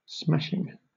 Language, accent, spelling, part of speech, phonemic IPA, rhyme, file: English, Southern England, smashing, adjective / noun / verb, /ˈsmæʃɪŋ/, -æʃɪŋ, LL-Q1860 (eng)-smashing.wav
- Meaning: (adjective) 1. Serving to smash (something) 2. Wonderful, very good or impressive; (noun) The breaking or destruction of (something brittle) in a violent manner